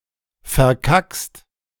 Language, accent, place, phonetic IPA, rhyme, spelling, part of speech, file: German, Germany, Berlin, [fɛɐ̯ˈkakst], -akst, verkackst, verb, De-verkackst.ogg
- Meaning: second-person singular present of verkacken